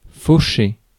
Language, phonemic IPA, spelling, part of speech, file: French, /fo.ʃe/, faucher, verb, Fr-faucher.ogg
- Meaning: 1. to mow, to reap 2. to run over, to knock down 3. to steal